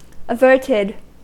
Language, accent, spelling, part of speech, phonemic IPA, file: English, US, averted, adjective / verb, /əˈvɝtɪd/, En-us-averted.ogg
- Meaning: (adjective) 1. Turned away, especially as an expression of feeling 2. Turned or directed away (from something); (verb) simple past and past participle of avert